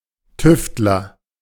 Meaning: tinkerer (male or unspecified sex)
- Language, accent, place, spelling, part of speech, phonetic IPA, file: German, Germany, Berlin, Tüftler, noun, [ˈtʏftlɐ], De-Tüftler.ogg